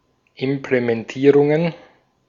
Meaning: genitive singular of Implementierung
- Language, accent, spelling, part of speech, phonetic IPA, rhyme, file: German, Austria, Implementierungen, noun, [ɪmplemɛnˈtiːʁʊŋən], -iːʁʊŋən, De-at-Implementierungen.ogg